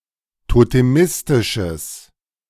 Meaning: strong/mixed nominative/accusative neuter singular of totemistisch
- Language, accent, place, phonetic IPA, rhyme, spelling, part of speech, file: German, Germany, Berlin, [toteˈmɪstɪʃəs], -ɪstɪʃəs, totemistisches, adjective, De-totemistisches.ogg